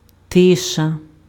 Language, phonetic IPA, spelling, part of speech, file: Ukrainian, [ˈtɪʃɐ], тиша, noun, Uk-тиша.ogg
- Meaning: 1. quietness, noiselessness, silence 2. calm weather, windlessness